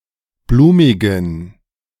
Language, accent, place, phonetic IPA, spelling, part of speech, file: German, Germany, Berlin, [ˈbluːmɪɡn̩], blumigen, adjective, De-blumigen.ogg
- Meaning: inflection of blumig: 1. strong genitive masculine/neuter singular 2. weak/mixed genitive/dative all-gender singular 3. strong/weak/mixed accusative masculine singular 4. strong dative plural